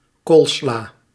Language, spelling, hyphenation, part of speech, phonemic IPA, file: Dutch, koolsla, kool‧sla, noun, /ˈkoːl.slaː/, Nl-koolsla.ogg
- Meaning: cabbage salad, coleslaw